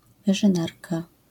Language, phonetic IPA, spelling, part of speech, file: Polish, [ˌvɨʒɨ̃ˈnarka], wyrzynarka, noun, LL-Q809 (pol)-wyrzynarka.wav